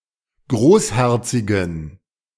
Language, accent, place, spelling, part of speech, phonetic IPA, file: German, Germany, Berlin, großherzigen, adjective, [ˈɡʁoːsˌhɛʁt͡sɪɡn̩], De-großherzigen.ogg
- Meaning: inflection of großherzig: 1. strong genitive masculine/neuter singular 2. weak/mixed genitive/dative all-gender singular 3. strong/weak/mixed accusative masculine singular 4. strong dative plural